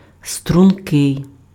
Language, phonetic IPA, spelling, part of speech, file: Ukrainian, [strʊnˈkɪi̯], стрункий, adjective, Uk-стрункий.ogg
- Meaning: slender, slim, svelte